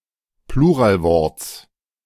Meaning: genitive singular of Pluralwort
- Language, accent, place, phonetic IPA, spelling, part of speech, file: German, Germany, Berlin, [ˈpluːʁaːlˌvɔʁt͡s], Pluralworts, noun, De-Pluralworts.ogg